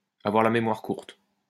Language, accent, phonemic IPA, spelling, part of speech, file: French, France, /a.vwaʁ la me.mwaʁ kuʁt/, avoir la mémoire courte, verb, LL-Q150 (fra)-avoir la mémoire courte.wav
- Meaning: to have a short memory, to forget things easily (especially when it's convenient to do so)